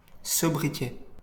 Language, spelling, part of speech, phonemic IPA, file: French, sobriquet, noun, /sɔ.bʁi.kɛ/, LL-Q150 (fra)-sobriquet.wav
- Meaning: nickname